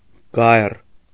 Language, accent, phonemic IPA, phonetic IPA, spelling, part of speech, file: Armenian, Eastern Armenian, /ɡɑjr/, [ɡɑjr], գայռ, noun, Hy-գայռ.ogg
- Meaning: foul-smelling mud, scum, mire, filth